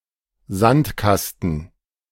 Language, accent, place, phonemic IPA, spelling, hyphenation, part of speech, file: German, Germany, Berlin, /ˈzantˌkastn̩/, Sandkasten, Sand‧kas‧ten, noun, De-Sandkasten.ogg
- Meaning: sandbox